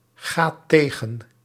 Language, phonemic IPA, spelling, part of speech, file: Dutch, /ˈɣat ˈteɣə(n)/, gaat tegen, verb, Nl-gaat tegen.ogg
- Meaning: inflection of tegengaan: 1. second/third-person singular present indicative 2. plural imperative